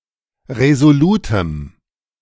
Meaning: strong dative masculine/neuter singular of resolut
- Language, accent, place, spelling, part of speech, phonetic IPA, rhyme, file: German, Germany, Berlin, resolutem, adjective, [ʁezoˈluːtəm], -uːtəm, De-resolutem.ogg